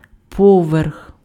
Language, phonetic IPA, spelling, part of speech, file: Ukrainian, [ˈpɔʋerx], поверх, noun, Uk-поверх.ogg
- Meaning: floor, storey